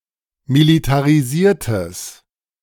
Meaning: strong/mixed nominative/accusative neuter singular of militarisiert
- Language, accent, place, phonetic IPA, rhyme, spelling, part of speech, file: German, Germany, Berlin, [militaʁiˈziːɐ̯təs], -iːɐ̯təs, militarisiertes, adjective, De-militarisiertes.ogg